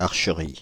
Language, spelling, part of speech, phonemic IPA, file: French, archerie, noun, /aʁ.ʃə.ʁi/, Fr-archerie.ogg
- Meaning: 1. archery 2. a group of archers